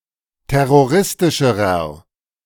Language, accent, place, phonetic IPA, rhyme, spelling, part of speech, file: German, Germany, Berlin, [ˌtɛʁoˈʁɪstɪʃəʁɐ], -ɪstɪʃəʁɐ, terroristischerer, adjective, De-terroristischerer.ogg
- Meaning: inflection of terroristisch: 1. strong/mixed nominative masculine singular comparative degree 2. strong genitive/dative feminine singular comparative degree